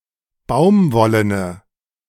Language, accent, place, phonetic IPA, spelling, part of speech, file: German, Germany, Berlin, [ˈbaʊ̯mˌvɔlənə], baumwollene, adjective, De-baumwollene.ogg
- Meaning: inflection of baumwollen: 1. strong/mixed nominative/accusative feminine singular 2. strong nominative/accusative plural 3. weak nominative all-gender singular